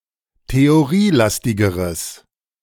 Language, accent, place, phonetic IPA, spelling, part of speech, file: German, Germany, Berlin, [teoˈʁiːˌlastɪɡəʁəs], theorielastigeres, adjective, De-theorielastigeres.ogg
- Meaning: strong/mixed nominative/accusative neuter singular comparative degree of theorielastig